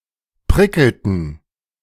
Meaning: inflection of prickeln: 1. first/third-person plural preterite 2. first/third-person plural subjunctive II
- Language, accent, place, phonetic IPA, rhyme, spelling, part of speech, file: German, Germany, Berlin, [ˈpʁɪkl̩tn̩], -ɪkl̩tn̩, prickelten, verb, De-prickelten.ogg